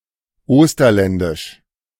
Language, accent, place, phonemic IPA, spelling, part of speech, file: German, Germany, Berlin, /ˈoːstɐlɛndɪʃ/, osterländisch, adjective, De-osterländisch.ogg
- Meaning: of Osterland; Osterlandish